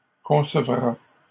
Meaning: third-person singular future of concevoir
- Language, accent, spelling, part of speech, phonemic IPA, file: French, Canada, concevra, verb, /kɔ̃.sə.vʁa/, LL-Q150 (fra)-concevra.wav